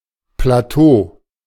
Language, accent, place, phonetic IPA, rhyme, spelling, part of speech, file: German, Germany, Berlin, [plaˈtoː], -oː, Plateau, noun, De-Plateau.ogg
- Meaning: plateau